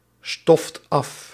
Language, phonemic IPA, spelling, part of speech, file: Dutch, /ˈstɔft ˈɑf/, stoft af, verb, Nl-stoft af.ogg
- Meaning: inflection of afstoffen: 1. second/third-person singular present indicative 2. plural imperative